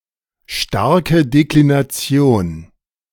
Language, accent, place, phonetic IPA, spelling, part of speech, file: German, Germany, Berlin, [ˈʃtaʁkə ˌdeklinaˈt͡si̯oːn], starke Deklination, noun, De-starke Deklination.ogg
- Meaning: strong declension